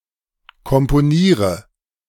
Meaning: inflection of komponieren: 1. first-person singular present 2. singular imperative 3. first/third-person singular subjunctive I
- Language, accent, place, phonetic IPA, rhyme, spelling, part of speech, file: German, Germany, Berlin, [kɔmpoˈniːʁə], -iːʁə, komponiere, verb, De-komponiere.ogg